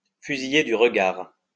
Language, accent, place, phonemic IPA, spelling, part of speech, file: French, France, Lyon, /fy.zi.je dy ʁ(ə).ɡaʁ/, fusiller du regard, verb, LL-Q150 (fra)-fusiller du regard.wav
- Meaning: to look daggers at, to stare daggers at, to throw a death stare at